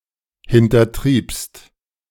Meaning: second-person singular preterite of hintertreiben
- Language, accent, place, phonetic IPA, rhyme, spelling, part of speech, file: German, Germany, Berlin, [hɪntɐˈtʁiːpst], -iːpst, hintertriebst, verb, De-hintertriebst.ogg